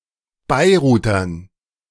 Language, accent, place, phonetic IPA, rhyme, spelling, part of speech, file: German, Germany, Berlin, [ˌbaɪ̯ˈʁuːtɐn], -uːtɐn, Beirutern, noun, De-Beirutern.ogg
- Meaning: dative plural of Beiruter